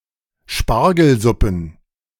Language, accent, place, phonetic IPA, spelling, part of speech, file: German, Germany, Berlin, [ˈʃpaʁɡl̩ˌzʊpn̩], Spargelsuppen, noun, De-Spargelsuppen.ogg
- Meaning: plural of Spargelsuppe